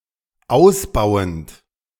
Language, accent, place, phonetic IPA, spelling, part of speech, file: German, Germany, Berlin, [ˈaʊ̯sˌbaʊ̯ənt], ausbauend, verb, De-ausbauend.ogg
- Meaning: present participle of ausbauen